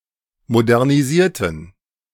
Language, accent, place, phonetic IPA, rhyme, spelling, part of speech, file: German, Germany, Berlin, [modɛʁniˈziːɐ̯tn̩], -iːɐ̯tn̩, modernisierten, adjective / verb, De-modernisierten.ogg
- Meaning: inflection of modernisieren: 1. first/third-person plural preterite 2. first/third-person plural subjunctive II